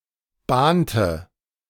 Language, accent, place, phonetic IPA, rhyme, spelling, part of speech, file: German, Germany, Berlin, [ˈbaːntə], -aːntə, bahnte, verb, De-bahnte.ogg
- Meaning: inflection of bahnen: 1. first/third-person singular preterite 2. first/third-person singular subjunctive II